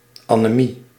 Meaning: anemia, a medical condition with a decreased amount of hemoglobin, hindering oxygen transport
- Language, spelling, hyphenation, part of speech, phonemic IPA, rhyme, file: Dutch, anemie, ane‧mie, noun, /aː.neːˈmi/, -i, Nl-anemie.ogg